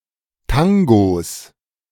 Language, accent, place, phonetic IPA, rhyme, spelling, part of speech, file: German, Germany, Berlin, [ˈtaŋɡos], -aŋɡos, Tangos, noun, De-Tangos.ogg
- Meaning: plural of Tango